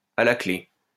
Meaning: 1. as a reward, at stake, up for grabs 2. in the key signature
- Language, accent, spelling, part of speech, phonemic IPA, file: French, France, à la clé, prepositional phrase, /a la kle/, LL-Q150 (fra)-à la clé.wav